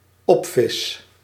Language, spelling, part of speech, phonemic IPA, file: Dutch, opvis, verb, /ˈɔpfɪs/, Nl-opvis.ogg
- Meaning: first-person singular dependent-clause present indicative of opvissen